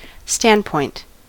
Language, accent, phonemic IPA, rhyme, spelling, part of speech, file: English, US, /ˈstændpɔɪnt/, -ændpɔɪnt, standpoint, noun, En-us-standpoint.ogg
- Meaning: A point of view; a perspective